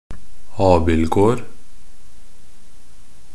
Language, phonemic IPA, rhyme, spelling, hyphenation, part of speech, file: Norwegian Bokmål, /ˈɑːbɪlɡoːr/, -oːr, abildgård, ab‧ild‧gård, noun, Nb-abildgård.ogg
- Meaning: an apple orchard